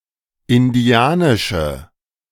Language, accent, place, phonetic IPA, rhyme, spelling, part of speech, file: German, Germany, Berlin, [ɪnˈdi̯aːnɪʃə], -aːnɪʃə, indianische, adjective, De-indianische.ogg
- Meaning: inflection of indianisch: 1. strong/mixed nominative/accusative feminine singular 2. strong nominative/accusative plural 3. weak nominative all-gender singular